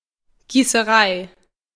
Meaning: foundry
- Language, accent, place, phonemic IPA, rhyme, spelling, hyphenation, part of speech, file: German, Germany, Berlin, /ɡiːsəˈʁaɪ̯/, -aɪ̯, Gießerei, Gie‧ße‧rei, noun, De-Gießerei.ogg